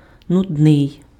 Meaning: boring, tedious
- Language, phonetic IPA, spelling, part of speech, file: Ukrainian, [nʊdˈnɪi̯], нудний, adjective, Uk-нудний.ogg